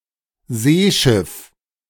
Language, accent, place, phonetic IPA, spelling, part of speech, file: German, Germany, Berlin, [ˈzeːˌʃɪf], Seeschiff, noun, De-Seeschiff.ogg
- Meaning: seagoing vessel